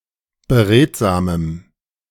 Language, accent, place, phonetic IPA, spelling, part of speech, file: German, Germany, Berlin, [bəˈʁeːtzaːməm], beredsamem, adjective, De-beredsamem.ogg
- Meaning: strong dative masculine/neuter singular of beredsam